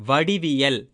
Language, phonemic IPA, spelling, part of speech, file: Tamil, /ʋɐɖɪʋɪjɐl/, வடிவியல், noun, Ta-வடிவியல்.ogg
- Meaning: geometry